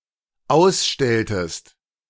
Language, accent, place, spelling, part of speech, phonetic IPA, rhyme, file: German, Germany, Berlin, ausstelltest, verb, [ˈaʊ̯sˌʃtɛltəst], -aʊ̯sʃtɛltəst, De-ausstelltest.ogg
- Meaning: inflection of ausstellen: 1. second-person singular dependent preterite 2. second-person singular dependent subjunctive II